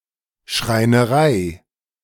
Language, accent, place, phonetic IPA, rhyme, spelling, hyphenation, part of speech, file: German, Germany, Berlin, [ʃʁaɪ̯nəˈʁaɪ̯], -aɪ̯, Schreinerei, Schrei‧ne‧rei, noun, De-Schreinerei.ogg
- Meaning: joinery